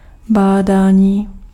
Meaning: 1. verbal noun of bádat 2. research
- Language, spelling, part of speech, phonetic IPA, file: Czech, bádání, noun, [ˈbaːdaːɲiː], Cs-bádání.ogg